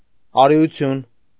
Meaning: 1. courage, mettle, bravery 2. heroism, valiance, gallantry
- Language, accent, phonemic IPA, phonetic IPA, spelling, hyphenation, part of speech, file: Armenian, Eastern Armenian, /ɑɾiuˈtʰjun/, [ɑɾi(j)ut͡sʰjún], արիություն, ա‧րի‧ու‧թյուն, noun, Hy-արիություն.ogg